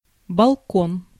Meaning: balcony
- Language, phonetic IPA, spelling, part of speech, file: Russian, [bɐɫˈkon], балкон, noun, Ru-балкон.ogg